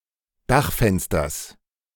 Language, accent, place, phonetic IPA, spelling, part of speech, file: German, Germany, Berlin, [ˈdaxfɛnstɐs], Dachfensters, noun, De-Dachfensters.ogg
- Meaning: genitive singular of Dachfenster